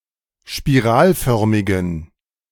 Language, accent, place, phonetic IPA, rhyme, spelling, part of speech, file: German, Germany, Berlin, [ʃpiˈʁaːlˌfœʁmɪɡn̩], -aːlfœʁmɪɡn̩, spiralförmigen, adjective, De-spiralförmigen.ogg
- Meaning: inflection of spiralförmig: 1. strong genitive masculine/neuter singular 2. weak/mixed genitive/dative all-gender singular 3. strong/weak/mixed accusative masculine singular 4. strong dative plural